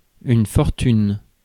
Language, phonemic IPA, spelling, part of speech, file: French, /fɔʁ.tyn/, fortune, noun, Fr-fortune.ogg
- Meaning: 1. fortune; fate, destiny; luck 2. fortune, wealth